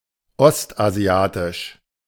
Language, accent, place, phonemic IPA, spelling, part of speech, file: German, Germany, Berlin, /ˈɔstʔaˌzi̯aːtɪʃ/, ostasiatisch, adjective, De-ostasiatisch.ogg
- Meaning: East Asian